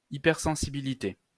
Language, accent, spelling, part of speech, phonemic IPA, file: French, France, hypersensibilité, noun, /i.pɛʁ.sɑ̃.si.bi.li.te/, LL-Q150 (fra)-hypersensibilité.wav
- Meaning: hypersensitivity